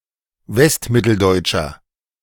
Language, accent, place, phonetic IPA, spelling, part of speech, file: German, Germany, Berlin, [ˈvɛstˌmɪtl̩dɔɪ̯t͡ʃɐ], westmitteldeutscher, adjective, De-westmitteldeutscher.ogg
- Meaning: inflection of westmitteldeutsch: 1. strong/mixed nominative masculine singular 2. strong genitive/dative feminine singular 3. strong genitive plural